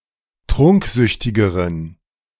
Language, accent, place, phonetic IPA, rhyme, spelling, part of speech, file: German, Germany, Berlin, [ˈtʁʊŋkˌzʏçtɪɡəʁən], -ʊŋkzʏçtɪɡəʁən, trunksüchtigeren, adjective, De-trunksüchtigeren.ogg
- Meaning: inflection of trunksüchtig: 1. strong genitive masculine/neuter singular comparative degree 2. weak/mixed genitive/dative all-gender singular comparative degree